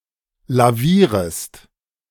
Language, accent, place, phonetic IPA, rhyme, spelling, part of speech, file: German, Germany, Berlin, [laˈviːʁəst], -iːʁəst, lavierest, verb, De-lavierest.ogg
- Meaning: second-person singular subjunctive I of lavieren